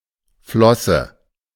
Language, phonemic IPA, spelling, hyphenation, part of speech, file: German, /ˈflɔsə/, Flosse, Flos‧se, noun, De-Flosse.ogg
- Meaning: 1. fin, flipper 2. hand